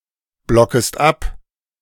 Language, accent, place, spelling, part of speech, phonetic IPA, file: German, Germany, Berlin, blockest ab, verb, [ˌblɔkəst ˈap], De-blockest ab.ogg
- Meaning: second-person singular subjunctive I of abblocken